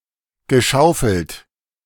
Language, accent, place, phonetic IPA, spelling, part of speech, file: German, Germany, Berlin, [ɡəˈʃaʊ̯fl̩t], geschaufelt, verb, De-geschaufelt.ogg
- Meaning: past participle of schaufeln